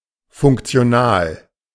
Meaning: functional (in good working order)
- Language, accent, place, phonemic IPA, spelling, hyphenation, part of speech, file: German, Germany, Berlin, /ˌfʊŋkt͡si̯oˈnaːl/, funktional, funk‧ti‧o‧nal, adjective, De-funktional.ogg